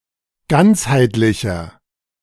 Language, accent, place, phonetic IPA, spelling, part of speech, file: German, Germany, Berlin, [ˈɡant͡shaɪ̯tlɪçɐ], ganzheitlicher, adjective, De-ganzheitlicher.ogg
- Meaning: 1. comparative degree of ganzheitlich 2. inflection of ganzheitlich: strong/mixed nominative masculine singular 3. inflection of ganzheitlich: strong genitive/dative feminine singular